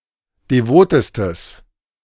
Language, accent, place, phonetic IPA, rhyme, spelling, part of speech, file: German, Germany, Berlin, [deˈvoːtəstəs], -oːtəstəs, devotestes, adjective, De-devotestes.ogg
- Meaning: strong/mixed nominative/accusative neuter singular superlative degree of devot